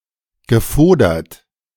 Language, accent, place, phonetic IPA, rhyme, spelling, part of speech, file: German, Germany, Berlin, [ɡəˈfoːdɐt], -oːdɐt, gefodert, verb, De-gefodert.ogg
- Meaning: past participle of fodern